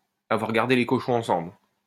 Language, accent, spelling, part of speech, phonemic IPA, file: French, France, avoir gardé les cochons ensemble, verb, /a.vwaʁ ɡaʁ.de le kɔ.ʃɔ̃ ɑ̃.sɑ̃bl/, LL-Q150 (fra)-avoir gardé les cochons ensemble.wav
- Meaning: to know each other well, to be on familiar terms, to be close, to be chums